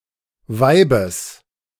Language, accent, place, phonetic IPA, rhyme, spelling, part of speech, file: German, Germany, Berlin, [ˈvaɪ̯bəs], -aɪ̯bəs, Weibes, noun, De-Weibes.ogg
- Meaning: genitive singular of Weib